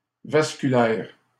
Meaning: vascular
- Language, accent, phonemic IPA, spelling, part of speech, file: French, Canada, /vas.ky.lɛʁ/, vasculaire, adjective, LL-Q150 (fra)-vasculaire.wav